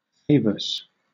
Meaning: 1. A severe, chronic infection of ringworm 2. A tile or flagstone cut into a hexagonal shape to produce a honeycomb pattern
- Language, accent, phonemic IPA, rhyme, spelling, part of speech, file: English, Southern England, /ˈfeɪvəs/, -eɪvəs, favus, noun, LL-Q1860 (eng)-favus.wav